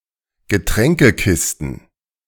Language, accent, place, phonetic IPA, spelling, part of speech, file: German, Germany, Berlin, [ɡəˈtʁɛŋkəˌkɪstn̩], Getränkekisten, noun, De-Getränkekisten.ogg
- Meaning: plural of Getränkekiste